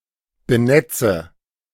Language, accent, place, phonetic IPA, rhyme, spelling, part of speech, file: German, Germany, Berlin, [bəˈnɛt͡sə], -ɛt͡sə, benetze, verb, De-benetze.ogg
- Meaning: inflection of benetzen: 1. first-person singular present 2. first/third-person singular subjunctive I 3. singular imperative